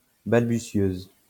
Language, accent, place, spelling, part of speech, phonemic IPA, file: French, France, Lyon, balbutieuse, noun, /bal.by.sjøz/, LL-Q150 (fra)-balbutieuse.wav
- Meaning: female equivalent of balbutieur